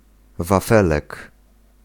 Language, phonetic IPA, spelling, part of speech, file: Polish, [vaˈfɛlɛk], wafelek, noun, Pl-wafelek.ogg